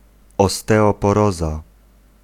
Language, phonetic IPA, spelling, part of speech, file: Polish, [ˌɔstɛɔpɔˈrɔza], osteoporoza, noun, Pl-osteoporoza.ogg